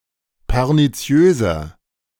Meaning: 1. comparative degree of perniziös 2. inflection of perniziös: strong/mixed nominative masculine singular 3. inflection of perniziös: strong genitive/dative feminine singular
- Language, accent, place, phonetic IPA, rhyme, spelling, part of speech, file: German, Germany, Berlin, [pɛʁniˈt͡si̯øːzɐ], -øːzɐ, perniziöser, adjective, De-perniziöser.ogg